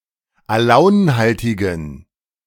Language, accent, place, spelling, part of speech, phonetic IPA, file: German, Germany, Berlin, alaunhaltigen, adjective, [aˈlaʊ̯nˌhaltɪɡn̩], De-alaunhaltigen.ogg
- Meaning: inflection of alaunhaltig: 1. strong genitive masculine/neuter singular 2. weak/mixed genitive/dative all-gender singular 3. strong/weak/mixed accusative masculine singular 4. strong dative plural